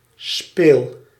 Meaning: inflection of spelen: 1. first-person singular present indicative 2. second-person singular present indicative 3. imperative
- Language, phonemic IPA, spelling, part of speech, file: Dutch, /speːl/, speel, verb, Nl-speel.ogg